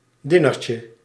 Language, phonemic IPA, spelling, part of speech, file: Dutch, /diˈnecə/, dinertje, noun, Nl-dinertje.ogg
- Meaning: diminutive of diner